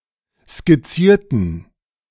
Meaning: inflection of skizzieren: 1. first/third-person plural preterite 2. first/third-person plural subjunctive II
- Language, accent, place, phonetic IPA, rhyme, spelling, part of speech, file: German, Germany, Berlin, [skɪˈt͡siːɐ̯tn̩], -iːɐ̯tn̩, skizzierten, adjective / verb, De-skizzierten.ogg